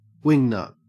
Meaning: 1. A deciduous tree of the genus Pterocarya native to Asia 2. A person who is or seems odd, eccentric, or crazy; especially, someone with bizarre or extreme political views
- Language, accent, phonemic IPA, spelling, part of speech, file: English, Australia, /ˈwɪŋˌnʌt/, wingnut, noun, En-au-wingnut.ogg